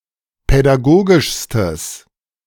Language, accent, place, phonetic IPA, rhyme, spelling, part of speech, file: German, Germany, Berlin, [pɛdaˈɡoːɡɪʃstəs], -oːɡɪʃstəs, pädagogischstes, adjective, De-pädagogischstes.ogg
- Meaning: strong/mixed nominative/accusative neuter singular superlative degree of pädagogisch